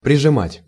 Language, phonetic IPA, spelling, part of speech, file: Russian, [prʲɪʐɨˈmatʲ], прижимать, verb, Ru-прижимать.ogg
- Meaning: to press (to), to clasp (to)